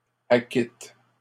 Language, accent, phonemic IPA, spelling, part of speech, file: French, Canada, /a.kit/, acquittes, verb, LL-Q150 (fra)-acquittes.wav
- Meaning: second-person singular present indicative/subjunctive of acquitter